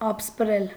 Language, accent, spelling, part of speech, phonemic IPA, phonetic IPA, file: Armenian, Eastern Armenian, ապսպրել, verb, /ɑpəspˈɾel/, [ɑpəspɾél], Hy-ապսպրել.ogg
- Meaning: to order, to request, to call for